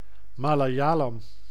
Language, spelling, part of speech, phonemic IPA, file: Dutch, Malayalam, proper noun, /ˌmalaˈjalɑm/, Nl-Malayalam.ogg
- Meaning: Malayalam